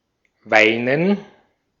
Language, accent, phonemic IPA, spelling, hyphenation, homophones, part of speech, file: German, Austria, /ˈvaɪ̯nən/, weinen, wei‧nen, Weinen, verb, De-at-weinen.ogg
- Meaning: to weep, cry